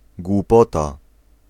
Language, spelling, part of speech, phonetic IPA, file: Polish, głupota, noun, [ɡwuˈpɔta], Pl-głupota.ogg